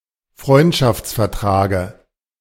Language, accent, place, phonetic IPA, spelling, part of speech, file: German, Germany, Berlin, [ˈfʁɔɪ̯ntʃaft͡sfɛɐ̯ˌtʁaːɡə], Freundschaftsvertrage, noun, De-Freundschaftsvertrage.ogg
- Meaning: dative of Freundschaftsvertrag